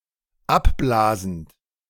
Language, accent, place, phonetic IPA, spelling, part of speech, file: German, Germany, Berlin, [ˈapˌblaːzn̩t], abblasend, verb, De-abblasend.ogg
- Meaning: present participle of abblasen